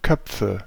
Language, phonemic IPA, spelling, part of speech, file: German, /ˈkœpfə/, Köpfe, noun, De-Köpfe.ogg
- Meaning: nominative/accusative/genitive plural of Kopf